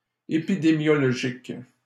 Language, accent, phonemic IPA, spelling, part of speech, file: French, Canada, /e.pi.de.mjɔ.lɔ.ʒik/, épidémiologique, adjective, LL-Q150 (fra)-épidémiologique.wav
- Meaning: epidemiologic